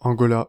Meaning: Angola (a country in Southern Africa)
- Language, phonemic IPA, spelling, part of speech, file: French, /ɑ̃.ɡɔ.la/, Angola, proper noun, Fr-Angola.ogg